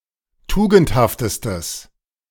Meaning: strong/mixed nominative/accusative neuter singular superlative degree of tugendhaft
- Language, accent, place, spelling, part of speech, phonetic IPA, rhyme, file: German, Germany, Berlin, tugendhaftestes, adjective, [ˈtuːɡn̩thaftəstəs], -uːɡn̩thaftəstəs, De-tugendhaftestes.ogg